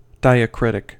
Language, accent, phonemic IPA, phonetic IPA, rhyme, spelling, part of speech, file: English, US, /ˌdaɪəˈkɹɪtɪk/, [ˌdaɪəˈkɹɪɾɪk], -ɪtɪk, diacritic, adjective / noun, En-us-diacritic.ogg
- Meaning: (adjective) 1. Distinguishing 2. Denoting a distinguishing mark applied to a letter or character